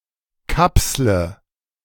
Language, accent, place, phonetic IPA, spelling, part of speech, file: German, Germany, Berlin, [ˈkapslə], kapsle, verb, De-kapsle.ogg
- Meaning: inflection of kapseln: 1. first-person singular present 2. singular imperative 3. first/third-person singular subjunctive I